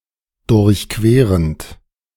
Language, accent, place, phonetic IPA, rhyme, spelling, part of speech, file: German, Germany, Berlin, [dʊʁçˈkveːʁənt], -eːʁənt, durchquerend, verb, De-durchquerend.ogg
- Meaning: present participle of durchqueren